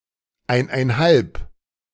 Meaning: one and a half (1½), sesqui-
- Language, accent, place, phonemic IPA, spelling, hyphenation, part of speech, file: German, Germany, Berlin, /ˈaɪ̯naɪ̯nˌhalp/, eineinhalb, ein‧ein‧halb, numeral, De-eineinhalb.ogg